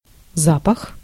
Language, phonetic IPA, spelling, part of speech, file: Russian, [ˈzapəx], запах, noun, Ru-запах.ogg
- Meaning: smell, odor, scent (sensation)